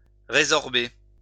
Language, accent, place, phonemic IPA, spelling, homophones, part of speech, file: French, France, Lyon, /ʁe.zɔʁ.be/, résorber, résorbé / résorbée / résorbées / résorbés, verb, LL-Q150 (fra)-résorber.wav
- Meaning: to resorb